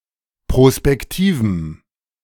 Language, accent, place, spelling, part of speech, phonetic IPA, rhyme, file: German, Germany, Berlin, prospektivem, adjective, [pʁospɛkˈtiːvm̩], -iːvm̩, De-prospektivem.ogg
- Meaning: strong dative masculine/neuter singular of prospektiv